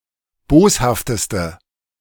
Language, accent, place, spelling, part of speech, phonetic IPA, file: German, Germany, Berlin, boshafteste, adjective, [ˈboːshaftəstə], De-boshafteste.ogg
- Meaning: inflection of boshaft: 1. strong/mixed nominative/accusative feminine singular superlative degree 2. strong nominative/accusative plural superlative degree